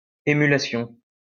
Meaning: obsolete form of émulation
- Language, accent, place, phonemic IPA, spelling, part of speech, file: French, France, Lyon, /e.my.la.sjɔ̃/, æmulation, noun, LL-Q150 (fra)-æmulation.wav